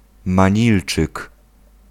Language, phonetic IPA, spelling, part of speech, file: Polish, [mãˈɲilt͡ʃɨk], manilczyk, noun, Pl-manilczyk.ogg